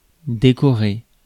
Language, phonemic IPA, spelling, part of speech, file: French, /de.kɔ.ʁe/, décorer, verb, Fr-décorer.ogg
- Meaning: to decorate